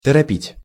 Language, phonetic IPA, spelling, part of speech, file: Russian, [tərɐˈpʲitʲ], торопить, verb, Ru-торопить.ogg
- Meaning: to hurry, to hasten, to precipitate, to rush